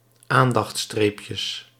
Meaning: plural of aandachtstreepje
- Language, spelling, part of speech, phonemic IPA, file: Dutch, aandachtstreepjes, noun, /ˈandɑx(t)ˌstrepjəs/, Nl-aandachtstreepjes.ogg